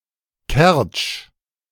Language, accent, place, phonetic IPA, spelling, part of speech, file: German, Germany, Berlin, [kɛʁt͡ʃ], Kertsch, proper noun, De-Kertsch.ogg
- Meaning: Kerch (a city on the Kerch Peninsula in eastern Crimea, internationally recognized as part of Ukraine but de facto in Russia)